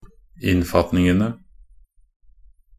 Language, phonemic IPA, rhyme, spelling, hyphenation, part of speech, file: Norwegian Bokmål, /ˈɪnːfatnɪŋənə/, -ənə, innfatningene, inn‧fat‧ning‧en‧e, noun, Nb-innfatningene.ogg
- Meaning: definite plural of innfatning